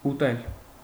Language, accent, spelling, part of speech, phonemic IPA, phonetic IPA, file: Armenian, Eastern Armenian, ուտել, verb, /uˈtel/, [utél], Hy-ուտել.ogg
- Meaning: 1. to eat 2. to corrode 3. to misappropriate; to take a bribe